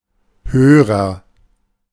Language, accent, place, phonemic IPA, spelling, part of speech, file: German, Germany, Berlin, /ˈhøːʁɐ/, Hörer, noun, De-Hörer.ogg
- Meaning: agent noun of hören: 1. listener 2. receiver (radio/TV/telephone)